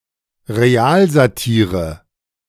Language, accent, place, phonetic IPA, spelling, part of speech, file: German, Germany, Berlin, [ʁeˈaːlzaˌtiːʁə], Realsatire, noun, De-Realsatire.ogg
- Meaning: A real-life event that is unintentionally so exaggerated and ridiculous that is perceived as satire